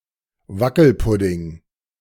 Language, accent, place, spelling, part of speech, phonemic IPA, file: German, Germany, Berlin, Wackelpudding, noun, /ˈvakl̩pʊdɪŋ/, De-Wackelpudding.ogg
- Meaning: jelly